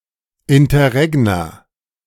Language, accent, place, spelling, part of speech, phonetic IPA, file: German, Germany, Berlin, Interregna, noun, [ɪntɐˈʁɛɡna], De-Interregna.ogg
- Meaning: plural of Interregnum